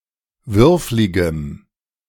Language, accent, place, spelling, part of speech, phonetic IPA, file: German, Germany, Berlin, würfligem, adjective, [ˈvʏʁflɪɡəm], De-würfligem.ogg
- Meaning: strong dative masculine/neuter singular of würflig